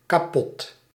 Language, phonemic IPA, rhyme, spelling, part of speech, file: Dutch, /kaːˈpɔt/, -ɔt, kapot, adjective / adverb, Nl-kapot.ogg
- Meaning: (adjective) 1. broken, defective, kaput 2. knackered; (adverb) incredibly, very